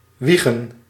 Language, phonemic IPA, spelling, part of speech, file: Dutch, /ˈwiɣə(n)/, wiegen, verb / noun, Nl-wiegen.ogg
- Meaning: to rock, to sway